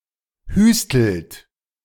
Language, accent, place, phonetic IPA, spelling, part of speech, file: German, Germany, Berlin, [ˈhyːstl̩t], hüstelt, verb, De-hüstelt.ogg
- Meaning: inflection of hüsteln: 1. second-person plural present 2. third-person singular present 3. plural imperative